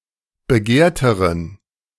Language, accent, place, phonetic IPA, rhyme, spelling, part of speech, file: German, Germany, Berlin, [bəˈɡeːɐ̯təʁən], -eːɐ̯təʁən, begehrteren, adjective, De-begehrteren.ogg
- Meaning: inflection of begehrt: 1. strong genitive masculine/neuter singular comparative degree 2. weak/mixed genitive/dative all-gender singular comparative degree